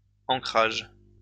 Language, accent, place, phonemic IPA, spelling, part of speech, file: French, France, Lyon, /ɑ̃.kʁaʒ/, encrage, noun, LL-Q150 (fra)-encrage.wav
- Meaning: inking